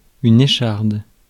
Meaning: splinter (from wood)
- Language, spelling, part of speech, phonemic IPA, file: French, écharde, noun, /e.ʃaʁd/, Fr-écharde.ogg